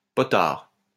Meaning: 1. potentiometer 2. pharmacy student or assistant
- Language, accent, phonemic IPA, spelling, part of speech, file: French, France, /pɔ.taʁ/, potard, noun, LL-Q150 (fra)-potard.wav